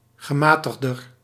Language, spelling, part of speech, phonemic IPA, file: Dutch, gematigder, adjective, /ɣəˈmaː.təx.dər/, Nl-gematigder.ogg
- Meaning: comparative degree of gematigd